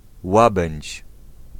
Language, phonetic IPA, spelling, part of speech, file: Polish, [ˈwabɛ̃ɲt͡ɕ], Łabędź, proper noun, Pl-Łabędź.ogg